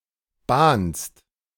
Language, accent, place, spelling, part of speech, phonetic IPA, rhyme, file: German, Germany, Berlin, bahnst, verb, [baːnst], -aːnst, De-bahnst.ogg
- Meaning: second-person singular present of bahnen